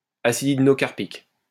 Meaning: hydnocarpic acid
- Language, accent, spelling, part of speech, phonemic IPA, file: French, France, acide hydnocarpique, noun, /a.sid id.nɔ.kaʁ.pik/, LL-Q150 (fra)-acide hydnocarpique.wav